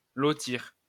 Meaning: to parcel out (divide into lots)
- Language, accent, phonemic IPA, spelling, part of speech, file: French, France, /lɔ.tiʁ/, lotir, verb, LL-Q150 (fra)-lotir.wav